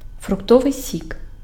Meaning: fruit juice
- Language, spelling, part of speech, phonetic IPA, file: Ukrainian, фруктовий сік, noun, [frʊkˈtɔʋei̯ sʲik], Uk-фруктовий сік.ogg